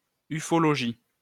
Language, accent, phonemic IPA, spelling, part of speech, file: French, France, /y.fɔ.lɔ.ʒi/, ufologie, noun, LL-Q150 (fra)-ufologie.wav
- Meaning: ufology